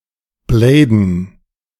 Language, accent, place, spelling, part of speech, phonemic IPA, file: German, Germany, Berlin, bladen, verb, /ˈbleːdn̩/, De-bladen.ogg
- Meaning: to rollerblade